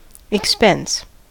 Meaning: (noun) 1. A spending or consuming, often a disbursement of funds 2. The elimination or consumption of something, sometimes with the notion of loss or damage to the thing eliminated 3. Loss
- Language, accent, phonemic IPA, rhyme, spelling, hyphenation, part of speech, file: English, US, /ɪkˈspɛns/, -ɛns, expense, ex‧pense, noun / verb, En-us-expense.ogg